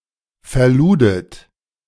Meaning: second-person plural preterite of verladen
- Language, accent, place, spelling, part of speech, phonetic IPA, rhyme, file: German, Germany, Berlin, verludet, verb, [fɛɐ̯ˈluːdət], -uːdət, De-verludet.ogg